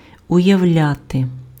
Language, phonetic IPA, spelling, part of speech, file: Ukrainian, [ʊjɐu̯ˈlʲate], уявляти, verb, Uk-уявляти.ogg
- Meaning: to imagine